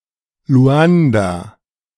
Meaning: Luanda (the capital city of Angola)
- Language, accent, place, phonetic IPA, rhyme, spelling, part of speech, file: German, Germany, Berlin, [ˈlu̯anda], -anda, Luanda, proper noun, De-Luanda.ogg